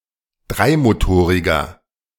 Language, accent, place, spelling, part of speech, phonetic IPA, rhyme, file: German, Germany, Berlin, dreimotoriger, adjective, [ˈdʁaɪ̯moˌtoːʁɪɡɐ], -aɪ̯motoːʁɪɡɐ, De-dreimotoriger.ogg
- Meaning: inflection of dreimotorig: 1. strong/mixed nominative masculine singular 2. strong genitive/dative feminine singular 3. strong genitive plural